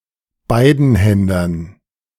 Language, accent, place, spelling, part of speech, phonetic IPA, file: German, Germany, Berlin, Beidenhändern, noun, [ˈbaɪ̯dn̩ˌhɛndɐn], De-Beidenhändern.ogg
- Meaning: dative plural of Beidenhänder